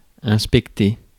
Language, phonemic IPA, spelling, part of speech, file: French, /ɛ̃s.pɛk.te/, inspecter, verb, Fr-inspecter.ogg
- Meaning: to inspect